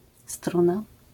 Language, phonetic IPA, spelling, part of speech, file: Polish, [ˈstrũna], struna, noun, LL-Q809 (pol)-struna.wav